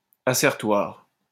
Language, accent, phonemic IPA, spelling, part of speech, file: French, France, /a.sɛʁ.twaʁ/, assertoire, adjective, LL-Q150 (fra)-assertoire.wav
- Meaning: 1. assertoric 2. assertory